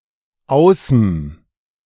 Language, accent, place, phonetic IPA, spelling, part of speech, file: German, Germany, Berlin, [ˈaʊ̯sm̩], ausm, abbreviation, De-ausm.ogg
- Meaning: 1. aus + dem 2. aus + einem